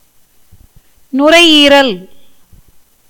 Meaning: lung
- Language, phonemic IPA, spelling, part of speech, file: Tamil, /nʊɾɐɪ̯jiːɾɐl/, நுரையீரல், noun, Ta-நுரையீரல்.ogg